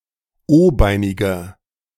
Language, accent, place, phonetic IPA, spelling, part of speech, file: German, Germany, Berlin, [ˈoːˌbaɪ̯nɪɡɐ], o-beiniger, adjective, De-o-beiniger.ogg
- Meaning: inflection of o-beinig: 1. strong/mixed nominative masculine singular 2. strong genitive/dative feminine singular 3. strong genitive plural